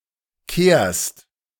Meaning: second-person singular present of kehren
- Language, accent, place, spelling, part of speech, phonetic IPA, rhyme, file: German, Germany, Berlin, kehrst, verb, [keːɐ̯st], -eːɐ̯st, De-kehrst.ogg